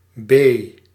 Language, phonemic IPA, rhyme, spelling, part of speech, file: Dutch, /beː/, -eː, b, character, Nl-b.ogg
- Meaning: The second letter of the Dutch alphabet, written in the Latin script